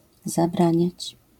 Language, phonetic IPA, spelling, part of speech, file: Polish, [zaˈbrãɲät͡ɕ], zabraniać, verb, LL-Q809 (pol)-zabraniać.wav